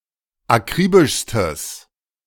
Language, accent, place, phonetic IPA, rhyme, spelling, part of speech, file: German, Germany, Berlin, [aˈkʁiːbɪʃstəs], -iːbɪʃstəs, akribischstes, adjective, De-akribischstes.ogg
- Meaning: strong/mixed nominative/accusative neuter singular superlative degree of akribisch